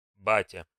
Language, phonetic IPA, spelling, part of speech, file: Russian, [ˈbatʲə], батя, noun, Ru-батя.ogg
- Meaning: 1. dad 2. familiar term of address for an elderly man